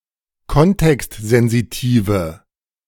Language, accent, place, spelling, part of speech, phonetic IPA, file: German, Germany, Berlin, kontextsensitive, adjective, [ˈkɔntɛkstzɛnziˌtiːvə], De-kontextsensitive.ogg
- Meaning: inflection of kontextsensitiv: 1. strong/mixed nominative/accusative feminine singular 2. strong nominative/accusative plural 3. weak nominative all-gender singular